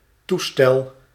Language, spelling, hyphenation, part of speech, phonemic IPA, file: Dutch, toestel, toe‧stel, noun, /ˈtuˌstɛl/, Nl-toestel.ogg
- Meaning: 1. device, appliance 2. apparatus 3. aircraft, airplane 4. paraphernalia, miscellanea